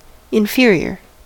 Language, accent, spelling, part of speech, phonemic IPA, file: English, General American, inferior, adjective / noun, /ɪnˈfɪɹ.i.ɚ/, En-us-inferior.ogg
- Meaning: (adjective) 1. Lower in rank, status, or quality 2. Lower in rank, status, or quality.: Of low rank, standard or quality